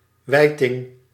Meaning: whiting, merling (Merlangius merlangus)
- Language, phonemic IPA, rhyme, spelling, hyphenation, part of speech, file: Dutch, /ˈʋɛi̯.tɪŋ/, -ɛi̯tɪŋ, wijting, wij‧ting, noun, Nl-wijting.ogg